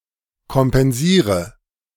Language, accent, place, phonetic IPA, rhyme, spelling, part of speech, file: German, Germany, Berlin, [kɔmpɛnˈziːʁə], -iːʁə, kompensiere, verb, De-kompensiere.ogg
- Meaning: inflection of kompensieren: 1. first-person singular present 2. singular imperative 3. first/third-person singular subjunctive I